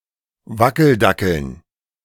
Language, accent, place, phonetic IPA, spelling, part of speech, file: German, Germany, Berlin, [ˈvakl̩ˌdakl̩n], Wackeldackeln, noun, De-Wackeldackeln.ogg
- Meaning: dative plural of Wackeldackel